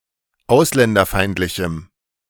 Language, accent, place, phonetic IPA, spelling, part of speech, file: German, Germany, Berlin, [ˈaʊ̯slɛndɐˌfaɪ̯ntlɪçm̩], ausländerfeindlichem, adjective, De-ausländerfeindlichem.ogg
- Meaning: strong dative masculine/neuter singular of ausländerfeindlich